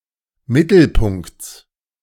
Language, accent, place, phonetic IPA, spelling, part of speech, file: German, Germany, Berlin, [ˈmɪtl̩ˌpʊŋkt͡s], Mittelpunkts, noun, De-Mittelpunkts.ogg
- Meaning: genitive singular of Mittelpunkt